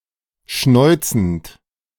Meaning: present participle of schnäuzen
- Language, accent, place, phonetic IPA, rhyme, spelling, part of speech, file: German, Germany, Berlin, [ˈʃnɔɪ̯t͡sn̩t], -ɔɪ̯t͡sn̩t, schnäuzend, verb, De-schnäuzend.ogg